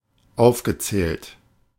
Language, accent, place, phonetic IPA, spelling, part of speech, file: German, Germany, Berlin, [ˈaʊ̯fɡəˌt͡sɛːlt], aufgezählt, verb, De-aufgezählt.ogg
- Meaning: past participle of aufzählen